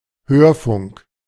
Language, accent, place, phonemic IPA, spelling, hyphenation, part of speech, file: German, Germany, Berlin, /ˈhøːrfʊŋk/, Hörfunk, Hör‧funk, noun, De-Hörfunk.ogg
- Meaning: radio (technology that allows broadcasters to transmit audio programs; such programs)